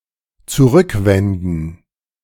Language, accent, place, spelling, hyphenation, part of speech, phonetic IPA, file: German, Germany, Berlin, zurückwenden, zu‧rück‧wen‧den, verb, [tsuˈʁʏkˌvɛndən], De-zurückwenden.ogg
- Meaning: to turn back